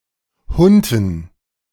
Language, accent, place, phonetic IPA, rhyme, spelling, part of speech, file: German, Germany, Berlin, [ˈhʊntn̩], -ʊntn̩, Hunten, noun, De-Hunten.ogg
- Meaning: dative plural of Hunt